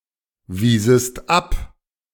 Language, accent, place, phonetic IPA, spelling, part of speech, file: German, Germany, Berlin, [ˌviːzəst ˈap], wiesest ab, verb, De-wiesest ab.ogg
- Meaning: second-person singular subjunctive II of abweisen